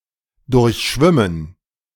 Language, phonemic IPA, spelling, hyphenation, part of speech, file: German, /ˈdʊʁçˌʃvɪmən/, durchschwimmen, durch‧schwim‧men, verb, De-durchschwimmen.ogg
- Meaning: 1. to swim (between, under or through someone or something) 2. to swim (a certain, usually long, amoung of time) continuously, without stopping